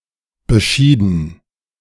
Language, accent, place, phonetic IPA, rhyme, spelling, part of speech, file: German, Germany, Berlin, [bəˈʃiːdn̩], -iːdn̩, beschieden, verb, De-beschieden.ogg
- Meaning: past participle of bescheiden